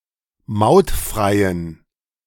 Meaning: inflection of mautfrei: 1. strong genitive masculine/neuter singular 2. weak/mixed genitive/dative all-gender singular 3. strong/weak/mixed accusative masculine singular 4. strong dative plural
- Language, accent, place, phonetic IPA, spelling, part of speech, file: German, Germany, Berlin, [ˈmaʊ̯tˌfʁaɪ̯ən], mautfreien, adjective, De-mautfreien.ogg